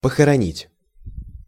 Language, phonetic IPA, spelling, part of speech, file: Russian, [pəxərɐˈnʲitʲ], похоронить, verb, Ru-похоронить.ogg
- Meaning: 1. to bury, to inter 2. to hide, to conceal, to lay away